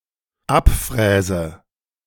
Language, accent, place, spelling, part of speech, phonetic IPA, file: German, Germany, Berlin, abfräse, verb, [ˈapˌfʁɛːzə], De-abfräse.ogg
- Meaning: inflection of abfräsen: 1. first-person singular dependent present 2. first/third-person singular dependent subjunctive I